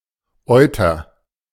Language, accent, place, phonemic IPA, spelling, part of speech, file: German, Germany, Berlin, /ˈʔɔɪ̯tɐ/, Euter, noun, De-Euter.ogg
- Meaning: udder